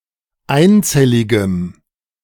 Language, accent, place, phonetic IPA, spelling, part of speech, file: German, Germany, Berlin, [ˈaɪ̯nˌt͡sɛlɪɡəm], einzelligem, adjective, De-einzelligem.ogg
- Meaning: strong dative masculine/neuter singular of einzellig